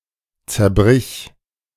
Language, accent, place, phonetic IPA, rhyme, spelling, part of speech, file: German, Germany, Berlin, [t͡sɛɐ̯ˈbʁɪç], -ɪç, zerbrich, verb, De-zerbrich.ogg
- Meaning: singular imperative of zerbrechen